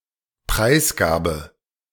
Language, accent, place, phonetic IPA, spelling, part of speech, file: German, Germany, Berlin, [ˈpʁaɪ̯sˌɡaːbə], Preisgabe, noun, De-Preisgabe.ogg
- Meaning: 1. abandonment 2. disclosure